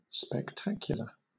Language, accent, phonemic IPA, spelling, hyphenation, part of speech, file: English, Southern England, /spɛkˈtæk.jʊ.lə/, spectacular, spec‧tac‧u‧lar, adjective / noun, LL-Q1860 (eng)-spectacular.wav
- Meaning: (adjective) 1. Amazing or worthy of special notice 2. Related to, or having the character of, a spectacle or entertainment 3. Relating to spectacles, or glasses for the eyes